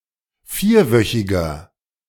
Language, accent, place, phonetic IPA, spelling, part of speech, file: German, Germany, Berlin, [ˈfiːɐ̯ˌvœçɪɡɐ], vierwöchiger, adjective, De-vierwöchiger.ogg
- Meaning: inflection of vierwöchig: 1. strong/mixed nominative masculine singular 2. strong genitive/dative feminine singular 3. strong genitive plural